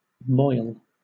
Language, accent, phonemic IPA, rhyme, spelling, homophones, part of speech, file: English, Southern England, /mɔɪl/, -ɔɪl, moil, mohel, verb / noun, LL-Q1860 (eng)-moil.wav
- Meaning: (verb) 1. To toil, to work hard 2. To churn continually; to swirl 3. To defile or dirty; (noun) 1. Hard work 2. Confusion, turmoil 3. A spot; a defilement